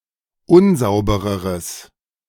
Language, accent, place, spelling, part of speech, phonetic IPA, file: German, Germany, Berlin, unsaubereres, adjective, [ˈʊnˌzaʊ̯bəʁəʁəs], De-unsaubereres.ogg
- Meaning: strong/mixed nominative/accusative neuter singular comparative degree of unsauber